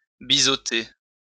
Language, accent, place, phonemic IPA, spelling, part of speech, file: French, France, Lyon, /bi.zo.te/, biseauter, verb, LL-Q150 (fra)-biseauter.wav
- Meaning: to bevel